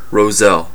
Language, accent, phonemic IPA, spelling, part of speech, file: English, US, /ɹoʊˈzɛl/, roselle, noun, En-us-roselle.ogg
- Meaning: Hibiscus sabdariffa, an edible flower in the hibiscus family used to make hibiscus tea